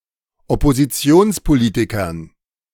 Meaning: dative plural of Oppositionspolitiker
- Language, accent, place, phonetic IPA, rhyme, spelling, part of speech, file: German, Germany, Berlin, [ɔpoziˈt͡si̯oːnspoˌliːtɪkɐn], -oːnspoliːtɪkɐn, Oppositionspolitikern, noun, De-Oppositionspolitikern.ogg